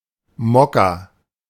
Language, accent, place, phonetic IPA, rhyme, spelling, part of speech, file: German, Germany, Berlin, [ˈmɔka], -ɔka, Mokka, noun, De-Mokka.ogg
- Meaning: 1. Turkish coffee 2. black coffee 3. caffè mocha